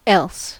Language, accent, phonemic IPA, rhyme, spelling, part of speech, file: English, US, /ɛls/, -ɛls, else, adjective / adverb / conjunction, En-us-else.ogg
- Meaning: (adjective) Other; in addition to previously mentioned items; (adverb) Otherwise, if not; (conjunction) For otherwise; or else